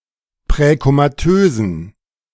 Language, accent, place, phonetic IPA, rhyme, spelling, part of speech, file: German, Germany, Berlin, [pʁɛkomaˈtøːzn̩], -øːzn̩, präkomatösen, adjective, De-präkomatösen.ogg
- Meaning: inflection of präkomatös: 1. strong genitive masculine/neuter singular 2. weak/mixed genitive/dative all-gender singular 3. strong/weak/mixed accusative masculine singular 4. strong dative plural